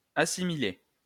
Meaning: past participle of assimiler
- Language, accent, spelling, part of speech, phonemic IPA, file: French, France, assimilé, verb, /a.si.mi.le/, LL-Q150 (fra)-assimilé.wav